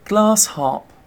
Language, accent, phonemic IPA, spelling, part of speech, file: English, Received Pronunciation, /ɡlɑːs hɑːp/, glass harp, noun, En-uk-glass harp.ogg